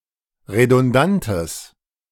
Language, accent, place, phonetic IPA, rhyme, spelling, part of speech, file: German, Germany, Berlin, [ʁedʊnˈdantəs], -antəs, redundantes, adjective, De-redundantes.ogg
- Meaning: strong/mixed nominative/accusative neuter singular of redundant